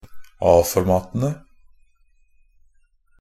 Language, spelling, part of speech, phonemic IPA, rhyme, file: Norwegian Bokmål, A-formatene, noun, /ˈɑːfɔrmɑːtənə/, -ənə, NB - Pronunciation of Norwegian Bokmål «a-formatene».ogg
- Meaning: definite plural of A-format